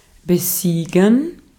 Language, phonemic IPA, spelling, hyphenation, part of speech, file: German, /bəˈziːɡən/, besiegen, be‧sie‧gen, verb, De-at-besiegen.ogg
- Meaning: to defeat (to overcome in battle or contest)